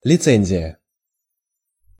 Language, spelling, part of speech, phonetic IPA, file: Russian, лицензия, noun, [lʲɪˈt͡sɛnʲzʲɪjə], Ru-лицензия.ogg
- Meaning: licence/license